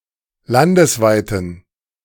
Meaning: inflection of landesweit: 1. strong genitive masculine/neuter singular 2. weak/mixed genitive/dative all-gender singular 3. strong/weak/mixed accusative masculine singular 4. strong dative plural
- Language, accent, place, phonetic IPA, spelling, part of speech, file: German, Germany, Berlin, [ˈlandəsˌvaɪ̯tən], landesweiten, adjective, De-landesweiten.ogg